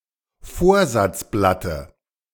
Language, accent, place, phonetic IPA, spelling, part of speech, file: German, Germany, Berlin, [ˈfoːɐ̯zat͡sˌblatə], Vorsatzblatte, noun, De-Vorsatzblatte.ogg
- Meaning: dative of Vorsatzblatt